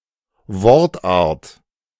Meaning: part of speech (the function a word or phrase performs)
- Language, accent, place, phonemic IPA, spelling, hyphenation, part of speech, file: German, Germany, Berlin, /ˈvɔʁtˌʔaːʁt/, Wortart, Wort‧art, noun, De-Wortart.ogg